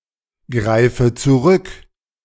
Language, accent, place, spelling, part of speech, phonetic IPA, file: German, Germany, Berlin, greife zurück, verb, [ˌɡʁaɪ̯fə t͡suˈʁʏk], De-greife zurück.ogg
- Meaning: inflection of zurückgreifen: 1. first-person singular present 2. first/third-person singular subjunctive I 3. singular imperative